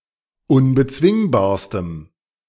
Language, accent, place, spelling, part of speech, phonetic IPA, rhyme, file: German, Germany, Berlin, unbezwingbarstem, adjective, [ʊnbəˈt͡svɪŋbaːɐ̯stəm], -ɪŋbaːɐ̯stəm, De-unbezwingbarstem.ogg
- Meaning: strong dative masculine/neuter singular superlative degree of unbezwingbar